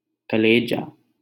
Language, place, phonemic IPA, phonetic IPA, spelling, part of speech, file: Hindi, Delhi, /kə.leː.d͡ʒɑː/, [kɐ.leː.d͡ʒäː], कलेजा, noun, LL-Q1568 (hin)-कलेजा.wav
- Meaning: 1. liver 2. heart